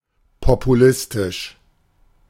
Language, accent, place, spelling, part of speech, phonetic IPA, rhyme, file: German, Germany, Berlin, populistisch, adjective, [popuˈlɪstɪʃ], -ɪstɪʃ, De-populistisch.ogg
- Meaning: populist